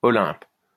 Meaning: Olympus (mountain)
- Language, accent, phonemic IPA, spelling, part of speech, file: French, France, /ɔ.lɛ̃p/, Olympe, proper noun, LL-Q150 (fra)-Olympe.wav